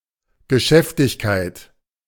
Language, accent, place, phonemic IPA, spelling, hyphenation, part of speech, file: German, Germany, Berlin, /ɡəˈʃɛftɪçkaɪ̯t/, Geschäftigkeit, Ge‧schäf‧tig‧keit, noun, De-Geschäftigkeit.ogg
- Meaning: eager activity, bustle